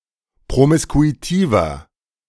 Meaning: 1. comparative degree of promiskuitiv 2. inflection of promiskuitiv: strong/mixed nominative masculine singular 3. inflection of promiskuitiv: strong genitive/dative feminine singular
- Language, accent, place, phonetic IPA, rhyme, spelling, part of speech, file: German, Germany, Berlin, [pʁomɪskuiˈtiːvɐ], -iːvɐ, promiskuitiver, adjective, De-promiskuitiver.ogg